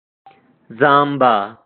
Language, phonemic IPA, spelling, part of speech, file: Pashto, /ˈzɑm.ba/, زامبه, noun, Zaamba.ogg
- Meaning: jaw